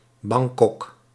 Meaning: Bangkok (the capital city of Thailand)
- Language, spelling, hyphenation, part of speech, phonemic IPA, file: Dutch, Bangkok, Bang‧kok, proper noun, /ˈbɑŋ.kɔk/, Nl-Bangkok.ogg